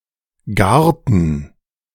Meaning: inflection of garen: 1. first/third-person plural preterite 2. first/third-person plural subjunctive II
- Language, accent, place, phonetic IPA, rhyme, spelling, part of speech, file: German, Germany, Berlin, [ˈɡaːɐ̯tn̩], -aːɐ̯tn̩, garten, verb, De-garten.ogg